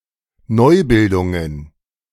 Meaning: plural of Neubildung
- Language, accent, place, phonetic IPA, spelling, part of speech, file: German, Germany, Berlin, [ˈnɔɪ̯ˌbɪldʊŋən], Neubildungen, noun, De-Neubildungen.ogg